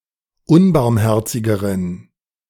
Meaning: inflection of unbarmherzig: 1. strong genitive masculine/neuter singular comparative degree 2. weak/mixed genitive/dative all-gender singular comparative degree
- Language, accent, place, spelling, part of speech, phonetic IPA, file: German, Germany, Berlin, unbarmherzigeren, adjective, [ˈʊnbaʁmˌhɛʁt͡sɪɡəʁən], De-unbarmherzigeren.ogg